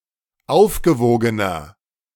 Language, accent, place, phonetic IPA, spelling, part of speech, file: German, Germany, Berlin, [ˈaʊ̯fɡəˌvoːɡənɐ], aufgewogener, adjective, De-aufgewogener.ogg
- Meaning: inflection of aufgewogen: 1. strong/mixed nominative masculine singular 2. strong genitive/dative feminine singular 3. strong genitive plural